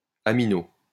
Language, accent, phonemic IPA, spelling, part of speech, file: French, France, /a.mi.no/, amino-, prefix, LL-Q150 (fra)-amino-.wav
- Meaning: amino-